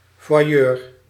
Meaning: voyeur
- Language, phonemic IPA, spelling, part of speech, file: Dutch, /vwaˈjør/, voyeur, noun, Nl-voyeur.ogg